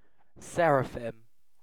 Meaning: 1. plural of seraph 2. plural of saraph 3. Alternative form of seraph 4. Any member of the species Lobophora halterata of geometrid moths
- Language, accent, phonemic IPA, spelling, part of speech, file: English, UK, /ˈsɛɹ.əˌfɪm/, seraphim, noun, En-uk-seraphim.ogg